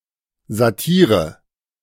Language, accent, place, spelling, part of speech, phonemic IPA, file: German, Germany, Berlin, Satire, noun, /zaˈtiːʁə/, De-Satire.ogg
- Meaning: satire